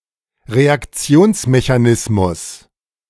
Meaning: reaction mechanism
- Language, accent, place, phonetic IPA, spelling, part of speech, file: German, Germany, Berlin, [ʁeakˈt͡si̯oːnsmeçaˌnɪsmʊs], Reaktionsmechanismus, noun, De-Reaktionsmechanismus.ogg